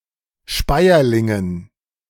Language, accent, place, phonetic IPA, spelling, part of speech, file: German, Germany, Berlin, [ˈʃpaɪ̯ɐlɪŋən], Speierlingen, noun, De-Speierlingen.ogg
- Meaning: dative plural of Speierling